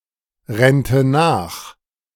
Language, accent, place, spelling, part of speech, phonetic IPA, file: German, Germany, Berlin, rennte nach, verb, [ˌʁɛntə ˈnaːx], De-rennte nach.ogg
- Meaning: first/third-person singular subjunctive II of nachrennen